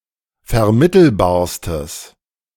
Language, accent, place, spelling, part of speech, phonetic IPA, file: German, Germany, Berlin, vermittelbarstes, adjective, [fɛɐ̯ˈmɪtl̩baːɐ̯stəs], De-vermittelbarstes.ogg
- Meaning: strong/mixed nominative/accusative neuter singular superlative degree of vermittelbar